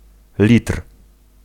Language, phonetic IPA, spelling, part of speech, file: Polish, [lʲitr̥], litr, noun, Pl-litr.ogg